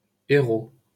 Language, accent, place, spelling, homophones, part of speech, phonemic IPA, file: French, France, Paris, Hérault, Héraud / héraut / héros, proper noun, /e.ʁo/, LL-Q150 (fra)-Hérault.wav
- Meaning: 1. Hérault (a department of Occitania, France) 2. Hérault (a river flowing through the departments of Gard and Hérault, in southern France)